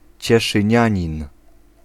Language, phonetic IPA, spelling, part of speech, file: Polish, [ˌt͡ɕɛʃɨ̃ˈɲä̃ɲĩn], cieszynianin, noun, Pl-cieszynianin.ogg